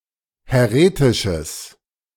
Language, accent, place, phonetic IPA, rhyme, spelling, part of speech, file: German, Germany, Berlin, [hɛˈʁeːtɪʃəs], -eːtɪʃəs, häretisches, adjective, De-häretisches.ogg
- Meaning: strong/mixed nominative/accusative neuter singular of häretisch